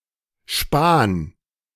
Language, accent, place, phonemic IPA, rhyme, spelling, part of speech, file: German, Germany, Berlin, /ʃpaːn/, -aːn, Span, noun, De-Span.ogg
- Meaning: chip; shaving; clipping (small, usually flat, cut-off piece)